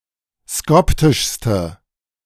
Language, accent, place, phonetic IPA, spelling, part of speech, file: German, Germany, Berlin, [ˈskɔptɪʃstə], skoptischste, adjective, De-skoptischste.ogg
- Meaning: inflection of skoptisch: 1. strong/mixed nominative/accusative feminine singular superlative degree 2. strong nominative/accusative plural superlative degree